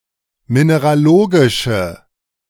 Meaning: inflection of mineralogisch: 1. strong/mixed nominative/accusative feminine singular 2. strong nominative/accusative plural 3. weak nominative all-gender singular
- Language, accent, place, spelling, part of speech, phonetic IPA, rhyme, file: German, Germany, Berlin, mineralogische, adjective, [ˌmineʁaˈloːɡɪʃə], -oːɡɪʃə, De-mineralogische.ogg